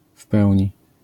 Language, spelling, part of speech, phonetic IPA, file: Polish, w pełni, adverbial phrase, [ˈf‿pɛwʲɲi], LL-Q809 (pol)-w pełni.wav